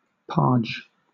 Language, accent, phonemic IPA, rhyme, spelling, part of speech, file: English, Southern England, /pɑː(ɹ)d͡ʒ/, -ɑː(ɹ)dʒ, parge, noun / verb, LL-Q1860 (eng)-parge.wav
- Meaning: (noun) A coat of cement mortar on the face of rough masonry, the earth side of foundation and basement walls; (verb) To apply a parge on to a surface